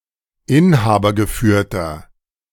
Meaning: inflection of inhabergeführt: 1. strong/mixed nominative masculine singular 2. strong genitive/dative feminine singular 3. strong genitive plural
- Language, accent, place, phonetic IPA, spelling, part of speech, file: German, Germany, Berlin, [ˈɪnhaːbɐɡəˌfyːɐ̯tɐ], inhabergeführter, adjective, De-inhabergeführter.ogg